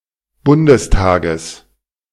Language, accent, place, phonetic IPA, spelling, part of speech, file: German, Germany, Berlin, [ˈbʊndəsˌtaːɡəs], Bundestages, noun, De-Bundestages.ogg
- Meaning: genitive singular of Bundestag